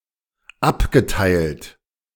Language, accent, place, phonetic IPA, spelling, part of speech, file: German, Germany, Berlin, [ˈapɡəˌtaɪ̯lt], abgeteilt, verb, De-abgeteilt.ogg
- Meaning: past participle of abteilen